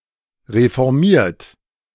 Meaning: 1. past participle of reformieren 2. inflection of reformieren: third-person singular present 3. inflection of reformieren: second-person plural present 4. inflection of reformieren: plural imperative
- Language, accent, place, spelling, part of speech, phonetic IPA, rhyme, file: German, Germany, Berlin, reformiert, adjective / verb, [ʁefɔʁˈmiːɐ̯t], -iːɐ̯t, De-reformiert.ogg